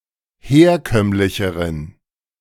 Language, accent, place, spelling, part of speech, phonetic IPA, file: German, Germany, Berlin, herkömmlicheren, adjective, [ˈheːɐ̯ˌkœmlɪçəʁən], De-herkömmlicheren.ogg
- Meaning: inflection of herkömmlich: 1. strong genitive masculine/neuter singular comparative degree 2. weak/mixed genitive/dative all-gender singular comparative degree